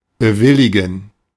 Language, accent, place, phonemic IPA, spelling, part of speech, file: German, Germany, Berlin, /bəˈvɪlɪɡn̩/, bewilligen, verb, De-bewilligen.ogg
- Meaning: to grant, to concede, to allow, to approve